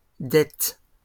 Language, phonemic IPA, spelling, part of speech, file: French, /dɛt/, dettes, noun, LL-Q150 (fra)-dettes.wav
- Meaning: plural of dette